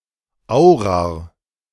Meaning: plural of Eyrir
- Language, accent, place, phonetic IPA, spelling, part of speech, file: German, Germany, Berlin, [ˈaʊ̯ʁaʁ], Aurar, noun, De-Aurar.ogg